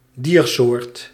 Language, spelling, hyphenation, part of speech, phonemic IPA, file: Dutch, diersoort, dier‧soort, noun, /ˈdiːr.soːrt/, Nl-diersoort.ogg
- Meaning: animal species